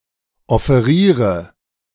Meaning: inflection of offerieren: 1. first-person singular present 2. singular imperative 3. first/third-person singular subjunctive I
- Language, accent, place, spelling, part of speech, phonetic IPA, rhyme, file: German, Germany, Berlin, offeriere, verb, [ɔfeˈʁiːʁə], -iːʁə, De-offeriere.ogg